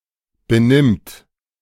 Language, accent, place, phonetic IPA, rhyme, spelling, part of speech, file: German, Germany, Berlin, [bəˈnɪmt], -ɪmt, benimmt, verb, De-benimmt.ogg
- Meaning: third-person singular present of benehmen